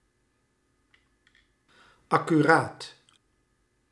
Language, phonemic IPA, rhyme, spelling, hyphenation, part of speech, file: Dutch, /ˌɑ.kyˈraːt/, -aːt, accuraat, ac‧cu‧raat, adjective, Nl-accuraat.ogg
- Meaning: 1. accurate 2. punctual